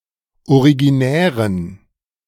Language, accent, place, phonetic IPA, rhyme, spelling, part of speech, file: German, Germany, Berlin, [oʁiɡiˈnɛːʁən], -ɛːʁən, originären, adjective, De-originären.ogg
- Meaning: inflection of originär: 1. strong genitive masculine/neuter singular 2. weak/mixed genitive/dative all-gender singular 3. strong/weak/mixed accusative masculine singular 4. strong dative plural